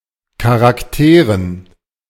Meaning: dative plural of Charakter
- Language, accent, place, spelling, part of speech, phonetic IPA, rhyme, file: German, Germany, Berlin, Charakteren, noun, [kaʁakˈteːʁən], -eːʁən, De-Charakteren.ogg